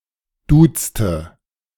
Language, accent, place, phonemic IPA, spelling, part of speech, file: German, Germany, Berlin, /ˈduːtstə/, duzte, verb, De-duzte.ogg
- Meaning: inflection of duzen: 1. first/third-person singular preterite 2. first/third-person singular subjunctive II